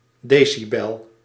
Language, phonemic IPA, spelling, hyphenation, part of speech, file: Dutch, /ˈdeːsiˌbɛl/, decibel, de‧ci‧bel, noun, Nl-decibel.ogg
- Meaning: decibel